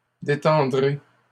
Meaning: second-person plural simple future of détendre
- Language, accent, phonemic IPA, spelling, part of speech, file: French, Canada, /de.tɑ̃.dʁe/, détendrez, verb, LL-Q150 (fra)-détendrez.wav